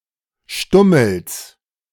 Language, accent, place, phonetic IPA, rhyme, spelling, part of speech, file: German, Germany, Berlin, [ˈʃtʊml̩s], -ʊml̩s, Stummels, noun, De-Stummels.ogg
- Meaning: genitive singular of Stummel